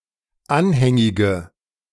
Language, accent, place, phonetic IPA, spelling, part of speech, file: German, Germany, Berlin, [ˈanhɛŋɪɡə], anhängige, adjective, De-anhängige.ogg
- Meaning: inflection of anhängig: 1. strong/mixed nominative/accusative feminine singular 2. strong nominative/accusative plural 3. weak nominative all-gender singular